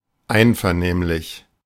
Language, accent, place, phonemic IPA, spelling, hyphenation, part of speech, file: German, Germany, Berlin, /ˈaɪ̯nfɛɐ̯ˌneːmlɪç/, einvernehmlich, ein‧ver‧nehm‧lich, adjective / adverb, De-einvernehmlich.ogg
- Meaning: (adjective) amicable; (adverb) amicably